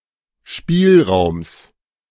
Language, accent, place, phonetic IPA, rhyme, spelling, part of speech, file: German, Germany, Berlin, [ˈʃpiːlˌʁaʊ̯ms], -iːlʁaʊ̯ms, Spielraums, noun, De-Spielraums.ogg
- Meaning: genitive singular of Spielraum